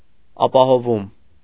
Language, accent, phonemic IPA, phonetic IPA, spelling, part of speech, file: Armenian, Eastern Armenian, /ɑpɑhoˈvum/, [ɑpɑhovúm], ապահովում, noun, Hy-ապահովում.ogg
- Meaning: ensuring, guaranteeing, securing, maintenance, provision